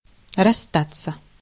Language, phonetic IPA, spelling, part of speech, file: Russian, [rɐs(ː)ˈtat͡sːə], расстаться, verb, Ru-расстаться.ogg
- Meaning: 1. to part, to separate 2. to leave (homeland, home) 3. to give up 4. to break up